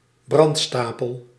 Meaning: 1. pile used for burning at the stake 2. burning at the stake as a method of execution
- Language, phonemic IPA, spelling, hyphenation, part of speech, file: Dutch, /ˈbrɑntˌstaː.pəl/, brandstapel, brand‧sta‧pel, noun, Nl-brandstapel.ogg